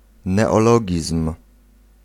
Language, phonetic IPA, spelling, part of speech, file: Polish, [ˌnɛɔˈlɔɟism̥], neologizm, noun, Pl-neologizm.ogg